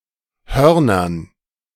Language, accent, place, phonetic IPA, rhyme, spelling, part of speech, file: German, Germany, Berlin, [ˈhœʁnɐn], -œʁnɐn, Hörnern, noun, De-Hörnern.ogg
- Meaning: dative plural of Horn